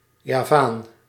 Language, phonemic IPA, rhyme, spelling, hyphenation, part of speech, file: Dutch, /jaːˈvaːn/, -aːn, Javaan, Ja‧vaan, noun, Nl-Javaan.ogg
- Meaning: 1. Javan, a person of the Javanese ethnic group 2. Javan, a person or native from Java